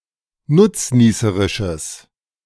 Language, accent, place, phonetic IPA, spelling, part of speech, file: German, Germany, Berlin, [ˈnʊt͡sˌniːsəʁɪʃəs], nutznießerisches, adjective, De-nutznießerisches.ogg
- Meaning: strong/mixed nominative/accusative neuter singular of nutznießerisch